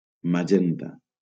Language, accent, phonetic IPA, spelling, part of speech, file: Catalan, Valencia, [maˈd͡ʒen.ta], magenta, noun, LL-Q7026 (cat)-magenta.wav
- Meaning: magenta (pinkish purple colour)